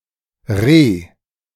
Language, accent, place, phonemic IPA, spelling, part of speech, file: German, Germany, Berlin, /ʁe/, re-, prefix, De-re-.ogg
- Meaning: re-